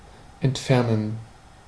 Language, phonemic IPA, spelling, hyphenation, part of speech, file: German, /ɛntˈfɛrnən/, entfernen, ent‧fer‧nen, verb, De-entfernen.ogg
- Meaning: 1. to remove 2. to gradually move away; to recede; to retreat; to diverge 3. to stray; to deviate; to depart (from a group, a route, etc.) 4. to desert; to go absent; to leave without permission